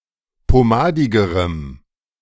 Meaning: strong dative masculine/neuter singular comparative degree of pomadig
- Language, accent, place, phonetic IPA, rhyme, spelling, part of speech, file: German, Germany, Berlin, [poˈmaːdɪɡəʁəm], -aːdɪɡəʁəm, pomadigerem, adjective, De-pomadigerem.ogg